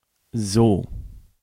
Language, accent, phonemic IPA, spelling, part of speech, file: German, Germany, /zɔ/, so, adverb / conjunction / particle / pronoun / interjection, De-so.ogg
- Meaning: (adverb) 1. so, such, that 2. as (followed by an adjective or adverb plus wie in a statement of equality) 3. so, thus, like this/that, in this/that way, in this/that manner 4. then (in that case)